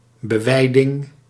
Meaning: grazing, pasturing; the act of letting animals graze on a plot of land
- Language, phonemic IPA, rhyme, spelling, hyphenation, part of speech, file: Dutch, /bəˈʋɛi̯.dɪŋ/, -ɛi̯dɪŋ, beweiding, be‧wei‧ding, noun, Nl-beweiding.ogg